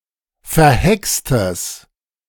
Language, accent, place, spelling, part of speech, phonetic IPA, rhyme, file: German, Germany, Berlin, verhextes, adjective, [fɛɐ̯ˈhɛkstəs], -ɛkstəs, De-verhextes.ogg
- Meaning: strong/mixed nominative/accusative neuter singular of verhext